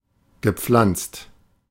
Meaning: past participle of pflanzen
- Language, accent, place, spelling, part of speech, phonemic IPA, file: German, Germany, Berlin, gepflanzt, verb, /ɡəˈpflantst/, De-gepflanzt.ogg